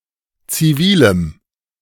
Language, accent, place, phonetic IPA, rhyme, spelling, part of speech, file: German, Germany, Berlin, [t͡siˈviːləm], -iːləm, zivilem, adjective, De-zivilem.ogg
- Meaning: strong dative masculine/neuter singular of zivil